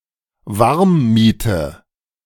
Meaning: total rent; base rent and utilities
- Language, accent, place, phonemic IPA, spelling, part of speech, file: German, Germany, Berlin, /ˈvaʁmˌmiːtə/, Warmmiete, noun, De-Warmmiete.ogg